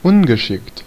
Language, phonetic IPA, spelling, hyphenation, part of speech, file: German, [ˈʊnɡəˌʃɪkt], ungeschickt, un‧ge‧schickt, adjective, De-ungeschickt.ogg
- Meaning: clumsy, awkward, lacking coordination, not graceful, not dexterous